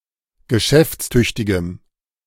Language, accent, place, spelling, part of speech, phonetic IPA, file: German, Germany, Berlin, geschäftstüchtigem, adjective, [ɡəˈʃɛft͡sˌtʏçtɪɡəm], De-geschäftstüchtigem.ogg
- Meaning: strong dative masculine/neuter singular of geschäftstüchtig